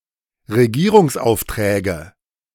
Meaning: nominative/accusative/genitive plural of Regierungsauftrag
- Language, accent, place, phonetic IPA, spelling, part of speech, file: German, Germany, Berlin, [ʁeˈɡiːʁʊŋsˌʔaʊ̯ftʁɛːɡə], Regierungsaufträge, noun, De-Regierungsaufträge.ogg